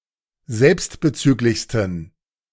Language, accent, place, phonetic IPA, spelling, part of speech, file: German, Germany, Berlin, [ˈzɛlpstbəˌt͡syːklɪçstn̩], selbstbezüglichsten, adjective, De-selbstbezüglichsten.ogg
- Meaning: 1. superlative degree of selbstbezüglich 2. inflection of selbstbezüglich: strong genitive masculine/neuter singular superlative degree